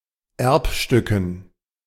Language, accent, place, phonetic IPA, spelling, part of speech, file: German, Germany, Berlin, [ˈɛʁpʃtʏkn̩], Erbstücken, noun, De-Erbstücken.ogg
- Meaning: dative plural of Erbstück